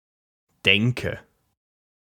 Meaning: way of thinking, mindset, mentality, attitude
- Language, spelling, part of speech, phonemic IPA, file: German, Denke, noun, /ˈdɛŋkə/, De-Denke.ogg